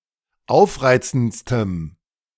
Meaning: strong dative masculine/neuter singular superlative degree of aufreizend
- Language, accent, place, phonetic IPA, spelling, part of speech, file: German, Germany, Berlin, [ˈaʊ̯fˌʁaɪ̯t͡sn̩tstəm], aufreizendstem, adjective, De-aufreizendstem.ogg